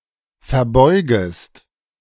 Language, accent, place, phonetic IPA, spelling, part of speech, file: German, Germany, Berlin, [fɛɐ̯ˈbɔɪ̯ɡəst], verbeugest, verb, De-verbeugest.ogg
- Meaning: second-person singular subjunctive I of verbeugen